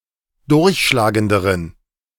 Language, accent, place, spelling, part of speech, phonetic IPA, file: German, Germany, Berlin, durchschlagenderen, adjective, [ˈdʊʁçʃlaːɡəndəʁən], De-durchschlagenderen.ogg
- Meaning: inflection of durchschlagend: 1. strong genitive masculine/neuter singular comparative degree 2. weak/mixed genitive/dative all-gender singular comparative degree